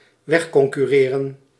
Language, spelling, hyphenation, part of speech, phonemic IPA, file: Dutch, wegconcurreren, weg‧con‧cur‧re‧ren, verb, /ˈʋɛx.kɔŋ.kyˌreː.rə(n)/, Nl-wegconcurreren.ogg
- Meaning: to outcompete, typically by means of arguably unfair practices; to undercut